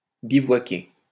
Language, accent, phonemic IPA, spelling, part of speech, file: French, France, /bi.vwa.ke/, bivouaquer, verb, LL-Q150 (fra)-bivouaquer.wav
- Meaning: to bivouac